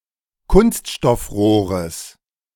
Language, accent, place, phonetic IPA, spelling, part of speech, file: German, Germany, Berlin, [ˈkʊnstʃtɔfˌʁoːʁəs], Kunststoffrohres, noun, De-Kunststoffrohres.ogg
- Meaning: genitive singular of Kunststoffrohr